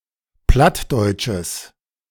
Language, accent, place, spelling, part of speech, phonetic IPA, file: German, Germany, Berlin, plattdeutsches, adjective, [ˈplatdɔɪ̯tʃəs], De-plattdeutsches.ogg
- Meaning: strong/mixed nominative/accusative neuter singular of plattdeutsch